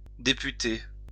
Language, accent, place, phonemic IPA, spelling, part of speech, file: French, France, Lyon, /de.py.te/, députer, verb, LL-Q150 (fra)-députer.wav
- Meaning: to deputize